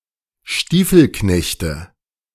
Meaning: nominative/accusative/genitive plural of Stiefelknecht
- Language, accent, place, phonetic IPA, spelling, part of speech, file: German, Germany, Berlin, [ˈʃtiːfl̩ˌknɛçtə], Stiefelknechte, noun, De-Stiefelknechte.ogg